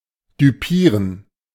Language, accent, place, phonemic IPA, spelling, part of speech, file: German, Germany, Berlin, /dʏˈpiːʁən/, düpieren, verb, De-düpieren.ogg
- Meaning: 1. to fool, to deceive, to dupe 2. to snub, to affront (especially by going against a previous understanding between parties)